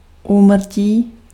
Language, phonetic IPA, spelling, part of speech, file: Czech, [ˈuːmr̩ciː], úmrtí, noun, Cs-úmrtí.ogg
- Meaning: death